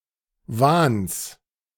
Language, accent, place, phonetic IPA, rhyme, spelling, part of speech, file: German, Germany, Berlin, [vaːns], -aːns, Wahns, noun, De-Wahns.ogg
- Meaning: genitive singular of Wahn